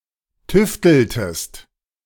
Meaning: inflection of tüfteln: 1. second-person singular preterite 2. second-person singular subjunctive II
- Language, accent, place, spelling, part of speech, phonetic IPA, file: German, Germany, Berlin, tüfteltest, verb, [ˈtʏftl̩təst], De-tüfteltest.ogg